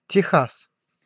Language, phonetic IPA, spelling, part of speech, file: Russian, [tʲɪˈxas], Техас, proper noun, Ru-Техас.ogg
- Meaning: Texas (a state in the south-central region of the United States)